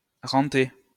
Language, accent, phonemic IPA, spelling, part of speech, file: French, France, /ʁɑ̃.te/, renter, verb, LL-Q150 (fra)-renter.wav
- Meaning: to endow